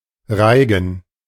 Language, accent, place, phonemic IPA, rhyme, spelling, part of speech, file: German, Germany, Berlin, /ˈʁaɪ̯ɡən/, -aɪ̯ɡən, Reigen, noun, De-Reigen.ogg
- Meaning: 1. a round dance; roundelay 2. an assortment, a potpourri